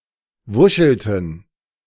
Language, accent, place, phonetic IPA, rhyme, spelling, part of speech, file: German, Germany, Berlin, [ˈvʊʃl̩tn̩], -ʊʃl̩tn̩, wuschelten, verb, De-wuschelten.ogg
- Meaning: inflection of wuscheln: 1. first/third-person plural preterite 2. first/third-person plural subjunctive II